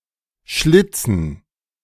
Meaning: to slit
- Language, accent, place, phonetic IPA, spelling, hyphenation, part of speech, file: German, Germany, Berlin, [ˈʃlɪt͡sn̩], schlitzen, schlit‧zen, verb, De-schlitzen.ogg